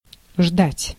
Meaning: 1. to wait for (to stay where one is or delay action) 2. to wait (to stay where one is or delay action) 3. to wait for (to eagerly expect something)
- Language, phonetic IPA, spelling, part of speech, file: Russian, [ʐdatʲ], ждать, verb, Ru-ждать.ogg